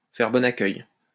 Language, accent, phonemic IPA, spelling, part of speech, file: French, France, /fɛʁ bɔ.n‿a.kœj/, faire bon accueil, verb, LL-Q150 (fra)-faire bon accueil.wav
- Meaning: to welcome, to reserve a warm welcome to